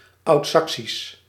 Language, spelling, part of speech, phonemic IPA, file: Dutch, Oudsaksisch, proper noun / adjective, /ɑutˈsɑksis/, Nl-Oudsaksisch.ogg
- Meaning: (adjective) Old Saxon; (proper noun) the Old Saxon language